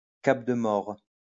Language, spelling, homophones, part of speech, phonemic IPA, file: French, more, mord / mords / mores / mors / mort / maure, noun / adjective, /mɔʁ/, LL-Q150 (fra)-more.wav
- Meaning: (noun) mora; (adjective) alternative spelling of maure